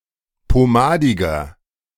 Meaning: 1. comparative degree of pomadig 2. inflection of pomadig: strong/mixed nominative masculine singular 3. inflection of pomadig: strong genitive/dative feminine singular
- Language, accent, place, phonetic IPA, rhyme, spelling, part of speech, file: German, Germany, Berlin, [poˈmaːdɪɡɐ], -aːdɪɡɐ, pomadiger, adjective, De-pomadiger.ogg